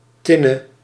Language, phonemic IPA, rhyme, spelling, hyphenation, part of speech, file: Dutch, /ˈtɪ.nə/, -ɪnə, tinne, tin‧ne, noun, Nl-tinne.ogg
- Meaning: merlon, cop